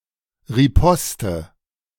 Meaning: riposte
- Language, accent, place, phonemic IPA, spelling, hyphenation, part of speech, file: German, Germany, Berlin, /ʁiˈpɔstə/, Riposte, Ri‧pos‧te, noun, De-Riposte.ogg